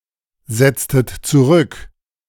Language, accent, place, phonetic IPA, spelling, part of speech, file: German, Germany, Berlin, [ˌzɛt͡stət t͡suˈʁʏk], setztet zurück, verb, De-setztet zurück.ogg
- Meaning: inflection of zurücksetzen: 1. second-person plural preterite 2. second-person plural subjunctive II